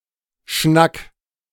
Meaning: 1. chat; saying 2. a matter, subject, ball game, kettle of fish
- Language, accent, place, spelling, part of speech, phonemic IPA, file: German, Germany, Berlin, Schnack, noun, /ʃnak/, De-Schnack.ogg